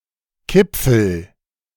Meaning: alternative spelling of Kipfl
- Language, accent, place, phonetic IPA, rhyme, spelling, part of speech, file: German, Germany, Berlin, [ˈkɪp͡fl̩], -ɪp͡fl̩, Kipfel, noun, De-Kipfel.ogg